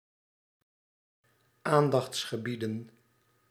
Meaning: plural of aandachtsgebied
- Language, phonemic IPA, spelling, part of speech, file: Dutch, /ˈandɑx(t)sxəˌbidə(n)/, aandachtsgebieden, noun, Nl-aandachtsgebieden.ogg